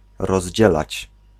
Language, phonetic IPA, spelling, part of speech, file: Polish, [rɔʑˈd͡ʑɛlat͡ɕ], rozdzielać, verb, Pl-rozdzielać.ogg